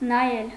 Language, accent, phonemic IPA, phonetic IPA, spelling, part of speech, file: Armenian, Eastern Armenian, /nɑˈjel/, [nɑjél], նայել, verb, Hy-նայել.ogg
- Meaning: to look (at)